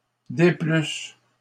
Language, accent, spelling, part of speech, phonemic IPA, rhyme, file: French, Canada, déplusses, verb, /de.plys/, -ys, LL-Q150 (fra)-déplusses.wav
- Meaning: second-person singular imperfect subjunctive of déplaire